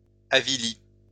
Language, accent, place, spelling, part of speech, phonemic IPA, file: French, France, Lyon, avili, verb, /a.vi.li/, LL-Q150 (fra)-avili.wav
- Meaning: past participle of avilir